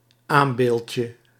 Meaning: diminutive of aambeeld
- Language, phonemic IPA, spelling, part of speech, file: Dutch, /ˈambelcə/, aambeeldje, noun, Nl-aambeeldje.ogg